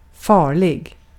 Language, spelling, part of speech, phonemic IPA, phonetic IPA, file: Swedish, farlig, adjective, /²fɑːrlɪ(ɡ)/, [²fɑːɭɪ(ɡ)], Sv-farlig.ogg
- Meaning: dangerous